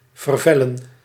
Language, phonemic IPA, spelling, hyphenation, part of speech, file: Dutch, /vərˈvɛ.lə(n)/, vervellen, ver‧vel‧len, verb, Nl-vervellen.ogg
- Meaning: to shed skin, to moult